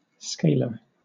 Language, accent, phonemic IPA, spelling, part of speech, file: English, Southern England, /ˈskeɪ.lə/, scalar, adjective / noun, LL-Q1860 (eng)-scalar.wav
- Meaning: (adjective) 1. Having magnitude but not direction 2. Consisting of a single value (e.g. integer or string) rather than multiple values (e.g. array) 3. Of, or relating to scale